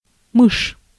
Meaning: 1. mouse (animal) 2. mouse
- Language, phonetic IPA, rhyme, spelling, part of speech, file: Russian, [mɨʂ], -ɨʂ, мышь, noun, Ru-мышь.ogg